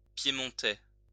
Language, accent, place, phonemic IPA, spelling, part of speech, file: French, France, Lyon, /pje.mɔ̃.tɛ/, piémontais, adjective, LL-Q150 (fra)-piémontais.wav
- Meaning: Piedmontese (of, from or relating to Piedmont, Italy)